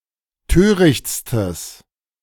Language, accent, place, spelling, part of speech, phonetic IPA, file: German, Germany, Berlin, törichtstes, adjective, [ˈtøːʁɪçt͡stəs], De-törichtstes.ogg
- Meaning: strong/mixed nominative/accusative neuter singular superlative degree of töricht